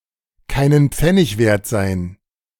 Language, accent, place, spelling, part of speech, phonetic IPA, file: German, Germany, Berlin, keinen Pfennig wert sein, phrase, [ˌkaɪ̯nən ˈp͡fɛnɪç ˈveːɐ̯t zaɪ̯n], De-keinen Pfennig wert sein.ogg
- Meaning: to not be worth a dime